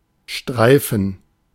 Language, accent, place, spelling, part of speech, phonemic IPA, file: German, Germany, Berlin, Streifen, noun, /ˈʃtʁaɪ̯fn̩/, De-Streifen.ogg
- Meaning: 1. stripe 2. strip 3. band 4. film, flick 5. streak 6. tape 7. zone 8. gerund of streifen